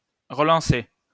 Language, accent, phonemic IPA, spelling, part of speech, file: French, France, /ʁə.lɑ̃.se/, relancer, verb, LL-Q150 (fra)-relancer.wav
- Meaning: 1. to throw back 2. to relaunch 3. to boost, to revive (economically) 4. to reboot (a computer) 5. to restart (an initiative, project, or engine)